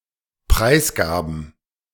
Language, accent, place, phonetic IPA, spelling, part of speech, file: German, Germany, Berlin, [ˈpʁaɪ̯sˌɡaːbn̩], Preisgaben, noun, De-Preisgaben.ogg
- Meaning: plural of Preisgabe